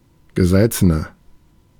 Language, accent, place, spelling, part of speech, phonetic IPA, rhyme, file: German, Germany, Berlin, gesalzener, adjective, [ɡəˈzalt͡sənɐ], -alt͡sənɐ, De-gesalzener.ogg
- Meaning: inflection of gesalzen: 1. strong/mixed nominative masculine singular 2. strong genitive/dative feminine singular 3. strong genitive plural